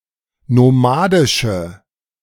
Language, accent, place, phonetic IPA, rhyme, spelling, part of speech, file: German, Germany, Berlin, [noˈmaːdɪʃə], -aːdɪʃə, nomadische, adjective, De-nomadische.ogg
- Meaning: inflection of nomadisch: 1. strong/mixed nominative/accusative feminine singular 2. strong nominative/accusative plural 3. weak nominative all-gender singular